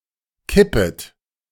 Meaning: second-person plural subjunctive I of kippen
- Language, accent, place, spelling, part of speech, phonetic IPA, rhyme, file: German, Germany, Berlin, kippet, verb, [ˈkɪpət], -ɪpət, De-kippet.ogg